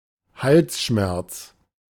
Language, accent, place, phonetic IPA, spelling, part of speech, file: German, Germany, Berlin, [ˈhalsˌʃmɛʁt͡s], Halsschmerz, noun, De-Halsschmerz.ogg
- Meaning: sore throat